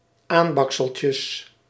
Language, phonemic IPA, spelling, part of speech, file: Dutch, /ˈambɑksəlcəs/, aanbakseltjes, noun, Nl-aanbakseltjes.ogg
- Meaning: plural of aanbakseltje